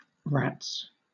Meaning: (noun) plural of rat; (interjection) 1. An expression of annoyance or disgust; damn, darn 2. An expression of disbelief; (verb) third-person singular simple present indicative of rat
- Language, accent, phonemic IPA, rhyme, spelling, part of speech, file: English, Southern England, /ɹæts/, -æts, rats, noun / interjection / verb, LL-Q1860 (eng)-rats.wav